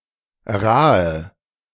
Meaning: alternative form of Rah
- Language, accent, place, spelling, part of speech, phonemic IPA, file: German, Germany, Berlin, Rahe, noun, /ˈraːə/, De-Rahe.ogg